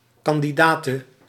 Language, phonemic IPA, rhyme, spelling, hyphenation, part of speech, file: Dutch, /ˌkɑn.diˈdaː.tə/, -aːtə, kandidate, kan‧di‧da‧te, noun, Nl-kandidate.ogg
- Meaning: a female candidate